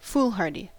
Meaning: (adjective) Marked by unthinking recklessness with disregard for danger; boldly rash; hotheaded; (noun) A person who is foolhardy
- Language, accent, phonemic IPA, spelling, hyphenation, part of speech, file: English, General American, /ˈfulˌhɑɹdi/, foolhardy, fool‧har‧dy, adjective / noun, En-us-foolhardy.ogg